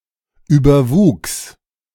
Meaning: first/third-person singular preterite of überwachsen
- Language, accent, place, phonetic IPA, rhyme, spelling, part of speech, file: German, Germany, Berlin, [ˌyːbɐˈvuːks], -uːks, überwuchs, verb, De-überwuchs.ogg